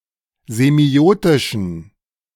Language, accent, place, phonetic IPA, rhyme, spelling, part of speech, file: German, Germany, Berlin, [zeˈmi̯oːtɪʃn̩], -oːtɪʃn̩, semiotischen, adjective, De-semiotischen.ogg
- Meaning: inflection of semiotisch: 1. strong genitive masculine/neuter singular 2. weak/mixed genitive/dative all-gender singular 3. strong/weak/mixed accusative masculine singular 4. strong dative plural